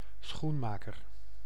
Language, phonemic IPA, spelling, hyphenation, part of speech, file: Dutch, /ˈsxunˌmaː.kər/, schoenmaker, schoen‧ma‧ker, noun, Nl-schoenmaker.ogg
- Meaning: shoemaker (artisan who produces and repairs shoes)